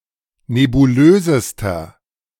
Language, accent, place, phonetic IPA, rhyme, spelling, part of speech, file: German, Germany, Berlin, [nebuˈløːzəstɐ], -øːzəstɐ, nebulösester, adjective, De-nebulösester.ogg
- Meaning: inflection of nebulös: 1. strong/mixed nominative masculine singular superlative degree 2. strong genitive/dative feminine singular superlative degree 3. strong genitive plural superlative degree